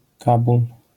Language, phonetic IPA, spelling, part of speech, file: Polish, [ˈkabul], Kabul, proper noun, LL-Q809 (pol)-Kabul.wav